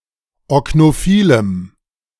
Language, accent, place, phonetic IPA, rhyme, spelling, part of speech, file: German, Germany, Berlin, [ɔknoˈfiːləm], -iːləm, oknophilem, adjective, De-oknophilem.ogg
- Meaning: strong dative masculine/neuter singular of oknophil